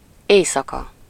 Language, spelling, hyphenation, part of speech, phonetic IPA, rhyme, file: Hungarian, éjszaka, éj‧sza‧ka, adverb / noun, [ˈeːjsɒkɒ], -kɒ, Hu-éjszaka.ogg
- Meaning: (adverb) at night; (noun) night (the period of darkness beginning at the end of evening and ending at the beginning of morning)